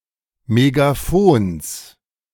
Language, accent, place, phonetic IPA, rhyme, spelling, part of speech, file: German, Germany, Berlin, [meɡaˈfoːns], -oːns, Megaphons, noun, De-Megaphons.ogg
- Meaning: genitive singular of Megaphon